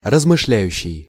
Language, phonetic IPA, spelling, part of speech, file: Russian, [rəzmɨʂˈlʲæjʉɕːɪj], размышляющий, verb, Ru-размышляющий.ogg
- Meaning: present active imperfective participle of размышля́ть (razmyšljátʹ)